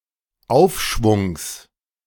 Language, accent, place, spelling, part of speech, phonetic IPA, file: German, Germany, Berlin, Aufschwungs, noun, [ˈaʊ̯fˌʃvʊŋs], De-Aufschwungs.ogg
- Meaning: genitive singular of Aufschwung